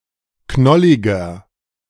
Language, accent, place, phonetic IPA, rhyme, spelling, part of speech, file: German, Germany, Berlin, [ˈknɔlɪɡɐ], -ɔlɪɡɐ, knolliger, adjective, De-knolliger.ogg
- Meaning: 1. comparative degree of knollig 2. inflection of knollig: strong/mixed nominative masculine singular 3. inflection of knollig: strong genitive/dative feminine singular